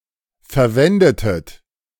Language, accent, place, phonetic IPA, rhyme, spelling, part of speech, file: German, Germany, Berlin, [fɛɐ̯ˈvɛndətət], -ɛndətət, verwendetet, verb, De-verwendetet.ogg
- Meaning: inflection of verwenden: 1. second-person plural preterite 2. second-person plural subjunctive II